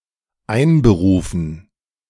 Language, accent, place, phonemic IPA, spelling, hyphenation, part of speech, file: German, Germany, Berlin, /ˈaɪ̯nbəˌʁuːfn̩/, einberufen, ein‧be‧ru‧fen, verb, De-einberufen.ogg
- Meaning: 1. to convene 2. to conscript